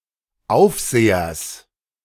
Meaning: genitive singular of Aufseher
- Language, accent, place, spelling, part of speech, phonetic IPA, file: German, Germany, Berlin, Aufsehers, noun, [ˈaʊ̯fˌzeːɐs], De-Aufsehers.ogg